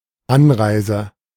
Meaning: arrival, journey
- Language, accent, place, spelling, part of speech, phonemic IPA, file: German, Germany, Berlin, Anreise, noun, /ˈanˌʀaɪ̯zə/, De-Anreise.ogg